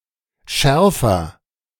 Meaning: comparative degree of scharf
- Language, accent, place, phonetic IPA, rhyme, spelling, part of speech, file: German, Germany, Berlin, [ˈʃɛʁfɐ], -ɛʁfɐ, schärfer, adjective, De-schärfer.ogg